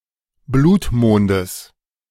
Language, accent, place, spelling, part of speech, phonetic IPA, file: German, Germany, Berlin, Blutmondes, noun, [ˈbluːtˌmoːndəs], De-Blutmondes.ogg
- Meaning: genitive singular of Blutmond